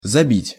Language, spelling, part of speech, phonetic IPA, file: Russian, забить, verb, [zɐˈbʲitʲ], Ru-забить.ogg
- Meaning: 1. to drive in (nail), to hammer in, to nail up 2. to score (a goal) 3. to beat up 4. to slaughter 5. to block up, to stop up, to cram, to obstruct 6. to outdo, to surpass